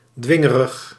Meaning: whiny, complaining (said of a child who can't obtain what he/she wishes to have)
- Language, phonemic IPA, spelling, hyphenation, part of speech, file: Dutch, /ˈdʋɪ.ŋə.rəx/, dwingerig, dwin‧ge‧rig, adjective, Nl-dwingerig.ogg